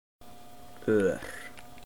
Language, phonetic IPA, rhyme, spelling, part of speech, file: Icelandic, [ˈœːr], -œːr, ör, noun / adjective, Is-ör.oga
- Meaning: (noun) 1. arrow (weapon) 2. directed edge, arrow, arc 3. scar; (adjective) 1. rapid, fast 2. spirited, heated, excitable 3. generous